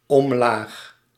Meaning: downwards
- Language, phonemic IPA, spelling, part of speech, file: Dutch, /ɔmˈlax/, omlaag, adverb, Nl-omlaag.ogg